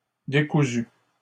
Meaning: masculine plural of décousu
- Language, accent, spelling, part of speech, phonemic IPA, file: French, Canada, décousus, adjective, /de.ku.zy/, LL-Q150 (fra)-décousus.wav